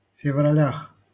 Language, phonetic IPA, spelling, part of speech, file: Russian, [fʲɪvrɐˈlʲax], февралях, noun, LL-Q7737 (rus)-февралях.wav
- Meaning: prepositional plural of февра́ль (fevrálʹ)